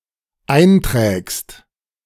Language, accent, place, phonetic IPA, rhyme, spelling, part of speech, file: German, Germany, Berlin, [ˈaɪ̯nˌtʁɛːkst], -aɪ̯ntʁɛːkst, einträgst, verb, De-einträgst.ogg
- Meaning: second-person singular dependent present of eintragen